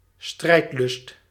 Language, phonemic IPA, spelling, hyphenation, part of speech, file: Dutch, /ˈstrɛi̯t.lʏst/, strijdlust, strijd‧lust, noun, Nl-strijdlust.ogg
- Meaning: warlikeness, ferocity